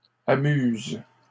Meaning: third-person plural present indicative/subjunctive of amuser
- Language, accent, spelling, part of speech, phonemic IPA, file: French, Canada, amusent, verb, /a.myz/, LL-Q150 (fra)-amusent.wav